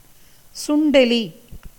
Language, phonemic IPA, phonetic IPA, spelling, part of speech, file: Tamil, /tʃʊɳɖɛliː/, [sʊɳɖe̞liː], சுண்டெலி, noun, Ta-சுண்டெலி.ogg
- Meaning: mouse (rodent)